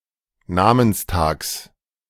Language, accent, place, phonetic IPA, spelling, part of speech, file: German, Germany, Berlin, [ˈnaːmənsˌtaːks], Namenstags, noun, De-Namenstags.ogg
- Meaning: genitive singular of Namenstag